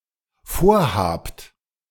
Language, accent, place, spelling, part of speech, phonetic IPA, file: German, Germany, Berlin, vorhabt, verb, [ˈfoːɐ̯ˌhaːpt], De-vorhabt.ogg
- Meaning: second-person plural dependent present of vorhaben